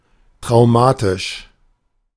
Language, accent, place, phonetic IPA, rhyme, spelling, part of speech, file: German, Germany, Berlin, [tʁaʊ̯ˈmaːtɪʃ], -aːtɪʃ, traumatisch, adjective, De-traumatisch.ogg
- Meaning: traumatic